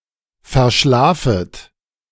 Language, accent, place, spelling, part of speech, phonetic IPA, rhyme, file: German, Germany, Berlin, verschlafet, verb, [fɛɐ̯ˈʃlaːfət], -aːfət, De-verschlafet.ogg
- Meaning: second-person plural subjunctive I of verschlafen